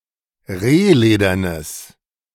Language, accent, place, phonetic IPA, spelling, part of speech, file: German, Germany, Berlin, [ˈʁeːˌleːdɐnəs], rehledernes, adjective, De-rehledernes.ogg
- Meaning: strong/mixed nominative/accusative neuter singular of rehledern